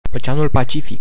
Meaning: Pacific Ocean (an ocean, the world's largest body of water, to the east of Asia and Australasia and to the west of the Americas)
- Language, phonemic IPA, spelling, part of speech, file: Romanian, /oˈt͡ʃe̯a.nul paˈt͡ʃi.fik/, Oceanul Pacific, proper noun, Ro-Oceanul Pacific.ogg